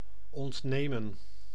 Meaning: to take from, to deprive of
- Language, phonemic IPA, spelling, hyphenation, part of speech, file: Dutch, /ɔntˈneːmə(n)/, ontnemen, ont‧ne‧men, verb, Nl-ontnemen.ogg